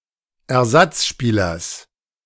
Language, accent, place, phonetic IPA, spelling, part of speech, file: German, Germany, Berlin, [ɛɐ̯ˈzat͡sˌʃpiːlɐs], Ersatzspielers, noun, De-Ersatzspielers.ogg
- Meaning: genitive of Ersatzspieler